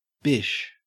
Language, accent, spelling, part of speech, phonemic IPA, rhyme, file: English, Australia, bish, noun, /bɪʃ/, -ɪʃ, En-au-bish.ogg
- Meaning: 1. A minced oath (as a term of abuse) 2. A mistake 3. A bishop 4. Synonym of bikh